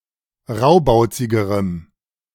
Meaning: strong dative masculine/neuter singular comparative degree of raubauzig
- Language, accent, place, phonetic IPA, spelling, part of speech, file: German, Germany, Berlin, [ˈʁaʊ̯baʊ̯t͡sɪɡəʁəm], raubauzigerem, adjective, De-raubauzigerem.ogg